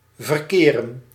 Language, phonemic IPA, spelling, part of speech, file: Dutch, /vərˈkeː.rə(n)/, verkeren, verb, Nl-verkeren.ogg
- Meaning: 1. to find oneself (e.g. in a situation) 2. to be found, be located 3. to handle, get along with